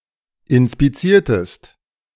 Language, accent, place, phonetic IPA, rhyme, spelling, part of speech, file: German, Germany, Berlin, [ɪnspiˈt͡siːɐ̯təst], -iːɐ̯təst, inspiziertest, verb, De-inspiziertest.ogg
- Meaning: inflection of inspizieren: 1. second-person singular preterite 2. second-person singular subjunctive II